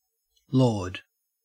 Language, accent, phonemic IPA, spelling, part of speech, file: English, Australia, /loːd/, laud, noun / verb, En-au-laud.ogg
- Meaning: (noun) 1. Glorification or praise 2. Hymn of praise 3. A prayer service following matins; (verb) To praise; to glorify